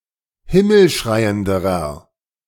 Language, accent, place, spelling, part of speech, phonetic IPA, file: German, Germany, Berlin, himmelschreienderer, adjective, [ˈhɪml̩ˌʃʁaɪ̯əndəʁɐ], De-himmelschreienderer.ogg
- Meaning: inflection of himmelschreiend: 1. strong/mixed nominative masculine singular comparative degree 2. strong genitive/dative feminine singular comparative degree